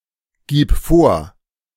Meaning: singular imperative of vorgeben
- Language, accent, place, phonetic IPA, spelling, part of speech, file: German, Germany, Berlin, [ˌɡiːp ˈfoːɐ̯], gib vor, verb, De-gib vor.ogg